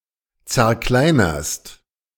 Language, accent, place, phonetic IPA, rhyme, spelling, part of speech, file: German, Germany, Berlin, [t͡sɛɐ̯ˈklaɪ̯nɐst], -aɪ̯nɐst, zerkleinerst, verb, De-zerkleinerst.ogg
- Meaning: second-person singular present of zerkleinern